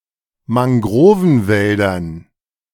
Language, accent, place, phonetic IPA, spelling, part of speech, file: German, Germany, Berlin, [maŋˈɡʁoːvn̩ˌvɛldɐn], Mangrovenwäldern, noun, De-Mangrovenwäldern.ogg
- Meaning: dative plural of Mangrovenwald